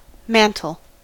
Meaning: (noun) 1. A piece of clothing somewhat like an open robe or cloak, especially that worn by Orthodox bishops 2. A figurative garment representing authority or status, capable of affording protection
- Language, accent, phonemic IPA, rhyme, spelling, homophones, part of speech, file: English, US, /ˈmæn.təl/, -æntəl, mantle, mantel, noun / verb, En-us-mantle.ogg